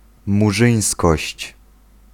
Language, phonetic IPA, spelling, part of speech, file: Polish, [muˈʒɨ̃j̃skɔɕt͡ɕ], murzyńskość, noun, Pl-murzyńskość.ogg